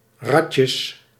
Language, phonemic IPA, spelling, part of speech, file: Dutch, /ˈrɑtjəs/, ratjes, noun, Nl-ratjes.ogg
- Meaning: plural of ratje